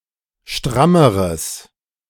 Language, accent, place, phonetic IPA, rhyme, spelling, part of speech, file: German, Germany, Berlin, [ˈʃtʁaməʁəs], -aməʁəs, strammeres, adjective, De-strammeres.ogg
- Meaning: strong/mixed nominative/accusative neuter singular comparative degree of stramm